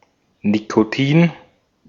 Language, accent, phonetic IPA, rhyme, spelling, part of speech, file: German, Austria, [nikoˈtiːn], -iːn, Nikotin, noun, De-at-Nikotin.ogg
- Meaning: nicotine